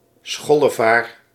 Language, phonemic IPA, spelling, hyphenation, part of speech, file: Dutch, /ˈsxɔ.ləˌvaːr/, schollevaar, schol‧le‧vaar, noun, Nl-schollevaar.ogg
- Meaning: synonym of aalscholver (“cormorant”)